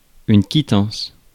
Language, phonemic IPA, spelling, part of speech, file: French, /ki.tɑ̃s/, quittance, noun / verb, Fr-quittance.ogg
- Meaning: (noun) a receipt, a quittance; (verb) inflection of quittancer: 1. first/third-person singular present indicative/subjunctive 2. second-person singular imperative